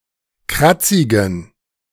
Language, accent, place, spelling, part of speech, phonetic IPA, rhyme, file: German, Germany, Berlin, kratzigen, adjective, [ˈkʁat͡sɪɡn̩], -at͡sɪɡn̩, De-kratzigen.ogg
- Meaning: inflection of kratzig: 1. strong genitive masculine/neuter singular 2. weak/mixed genitive/dative all-gender singular 3. strong/weak/mixed accusative masculine singular 4. strong dative plural